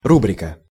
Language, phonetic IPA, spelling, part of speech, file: Russian, [ˈrubrʲɪkə], рубрика, noun, Ru-рубрика.ogg
- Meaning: 1. heading, caption 2. column